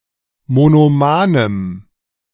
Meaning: strong dative masculine/neuter singular of monoman
- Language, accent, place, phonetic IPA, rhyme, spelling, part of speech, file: German, Germany, Berlin, [monoˈmaːnəm], -aːnəm, monomanem, adjective, De-monomanem.ogg